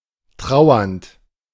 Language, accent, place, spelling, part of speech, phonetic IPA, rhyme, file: German, Germany, Berlin, trauernd, verb, [ˈtʁaʊ̯ɐnt], -aʊ̯ɐnt, De-trauernd.ogg
- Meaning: present participle of trauern